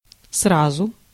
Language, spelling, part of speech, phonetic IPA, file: Russian, сразу, adverb, [ˈsrazʊ], Ru-сразу.ogg
- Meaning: 1. at once, simultaneously 2. at one stroke 3. at once, right away, straight away 4. straight off, out of hand